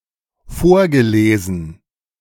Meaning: past participle of vorlesen
- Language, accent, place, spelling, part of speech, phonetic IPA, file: German, Germany, Berlin, vorgelesen, verb, [ˈfoːɐ̯ɡəˌleːzn̩], De-vorgelesen.ogg